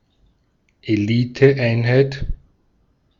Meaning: elite unit (e.g. of a military)
- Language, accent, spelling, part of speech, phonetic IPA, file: German, Austria, Eliteeinheit, noun, [eˈliːtəˌʔaɪ̯nhaɪ̯t], De-at-Eliteeinheit.ogg